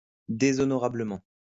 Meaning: dishonorably
- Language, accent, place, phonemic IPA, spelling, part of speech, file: French, France, Lyon, /de.zɔ.nɔ.ʁa.blə.mɑ̃/, déshonorablement, adverb, LL-Q150 (fra)-déshonorablement.wav